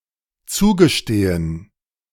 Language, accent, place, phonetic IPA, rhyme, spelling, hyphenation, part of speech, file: German, Germany, Berlin, [ˈt͡suːɡəˌʃteːən], -eːən, zugestehen, zu‧ge‧ste‧hen, verb, De-zugestehen.ogg
- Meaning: to concede